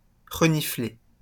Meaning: 1. to sniff 2. to smell (sense with the nose) 3. to turn up one's nose (at)
- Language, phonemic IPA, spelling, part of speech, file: French, /ʁə.ni.fle/, renifler, verb, LL-Q150 (fra)-renifler.wav